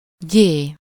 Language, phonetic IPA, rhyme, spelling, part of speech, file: Hungarian, [ˈɟeː], -ɟeː, gyé, noun, Hu-gyé.ogg
- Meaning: The name of the Latin script letter Gy/gy